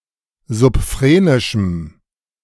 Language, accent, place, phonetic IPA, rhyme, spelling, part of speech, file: German, Germany, Berlin, [zʊpˈfʁeːnɪʃm̩], -eːnɪʃm̩, subphrenischem, adjective, De-subphrenischem.ogg
- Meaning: strong dative masculine/neuter singular of subphrenisch